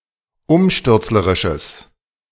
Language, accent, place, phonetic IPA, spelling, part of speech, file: German, Germany, Berlin, [ˈʊmʃtʏʁt͡sləʁɪʃəs], umstürzlerisches, adjective, De-umstürzlerisches.ogg
- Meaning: strong/mixed nominative/accusative neuter singular of umstürzlerisch